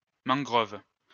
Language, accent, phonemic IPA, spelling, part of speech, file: French, France, /mɑ̃.ɡʁɔv/, mangrove, noun, LL-Q150 (fra)-mangrove.wav
- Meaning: a mangrove forest